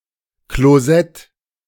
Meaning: toilet
- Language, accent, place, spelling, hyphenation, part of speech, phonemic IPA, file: German, Germany, Berlin, Klosett, Klo‧sett, noun, /kloˈzɛt/, De-Klosett.ogg